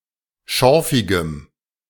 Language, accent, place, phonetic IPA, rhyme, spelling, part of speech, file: German, Germany, Berlin, [ˈʃɔʁfɪɡəm], -ɔʁfɪɡəm, schorfigem, adjective, De-schorfigem.ogg
- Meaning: strong dative masculine/neuter singular of schorfig